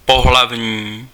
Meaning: sexual
- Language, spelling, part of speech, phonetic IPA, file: Czech, pohlavní, adjective, [ˈpoɦlavɲiː], Cs-pohlavní.ogg